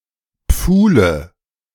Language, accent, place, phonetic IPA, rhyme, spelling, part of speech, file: German, Germany, Berlin, [ˈp͡fuːlə], -uːlə, Pfuhle, noun, De-Pfuhle.ogg
- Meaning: nominative/accusative/genitive plural of Pfuhl